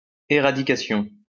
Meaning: eradication
- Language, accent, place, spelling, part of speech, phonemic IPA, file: French, France, Lyon, éradication, noun, /e.ʁa.di.ka.sjɔ̃/, LL-Q150 (fra)-éradication.wav